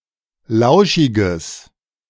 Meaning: strong/mixed nominative/accusative neuter singular of lauschig
- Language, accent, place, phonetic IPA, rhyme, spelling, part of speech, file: German, Germany, Berlin, [ˈlaʊ̯ʃɪɡəs], -aʊ̯ʃɪɡəs, lauschiges, adjective, De-lauschiges.ogg